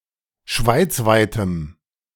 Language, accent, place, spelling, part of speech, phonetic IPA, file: German, Germany, Berlin, schweizweitem, adjective, [ˈʃvaɪ̯t͡svaɪ̯təm], De-schweizweitem.ogg
- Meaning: strong dative masculine/neuter singular of schweizweit